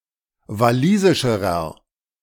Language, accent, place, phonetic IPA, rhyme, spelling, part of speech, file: German, Germany, Berlin, [vaˈliːzɪʃəʁɐ], -iːzɪʃəʁɐ, walisischerer, adjective, De-walisischerer.ogg
- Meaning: inflection of walisisch: 1. strong/mixed nominative masculine singular comparative degree 2. strong genitive/dative feminine singular comparative degree 3. strong genitive plural comparative degree